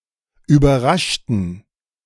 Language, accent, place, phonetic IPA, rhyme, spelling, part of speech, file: German, Germany, Berlin, [yːbɐˈʁaʃtn̩], -aʃtn̩, überraschten, adjective / verb, De-überraschten.ogg
- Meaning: inflection of überraschen: 1. first/third-person plural preterite 2. first/third-person plural subjunctive II